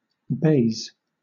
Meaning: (noun) A thick, soft, usually woolen cloth resembling felt; often colored green and used for coverings on card tables, billiard and snooker tables, etc
- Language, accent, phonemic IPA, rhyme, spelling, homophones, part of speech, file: English, Southern England, /beɪz/, -eɪz, baize, bays / Bayes, noun / verb, LL-Q1860 (eng)-baize.wav